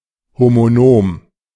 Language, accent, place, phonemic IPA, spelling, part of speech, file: German, Germany, Berlin, /̩ˌhomoˈnoːm/, homonom, adjective, De-homonom.ogg
- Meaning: homonomic, homonomous